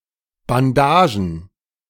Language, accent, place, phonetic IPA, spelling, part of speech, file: German, Germany, Berlin, [banˈdaːʒən], Bandagen, noun, De-Bandagen.ogg
- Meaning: plural of Bandage